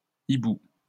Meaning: plural of hibou
- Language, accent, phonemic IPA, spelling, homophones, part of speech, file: French, France, /i.bu/, hiboux, hibou, noun, LL-Q150 (fra)-hiboux.wav